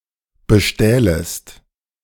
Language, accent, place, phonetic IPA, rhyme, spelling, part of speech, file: German, Germany, Berlin, [bəˈʃtɛːləst], -ɛːləst, bestählest, verb, De-bestählest.ogg
- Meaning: second-person singular subjunctive II of bestehlen